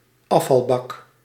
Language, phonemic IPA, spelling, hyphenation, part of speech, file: Dutch, /ˈɑ.fɑlˌbɑk/, afvalbak, af‧val‧bak, noun, Nl-afvalbak.ogg
- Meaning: rubbish bin, trashcan, dustbin